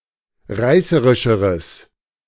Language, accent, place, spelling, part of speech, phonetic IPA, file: German, Germany, Berlin, reißerischeres, adjective, [ˈʁaɪ̯səʁɪʃəʁəs], De-reißerischeres.ogg
- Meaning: strong/mixed nominative/accusative neuter singular comparative degree of reißerisch